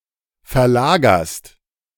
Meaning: second-person singular present of verlagern
- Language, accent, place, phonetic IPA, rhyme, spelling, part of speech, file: German, Germany, Berlin, [fɛɐ̯ˈlaːɡɐst], -aːɡɐst, verlagerst, verb, De-verlagerst.ogg